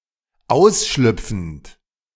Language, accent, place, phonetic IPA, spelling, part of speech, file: German, Germany, Berlin, [ˈaʊ̯sˌʃlʏp͡fn̩t], ausschlüpfend, verb, De-ausschlüpfend.ogg
- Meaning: present participle of ausschlüpfen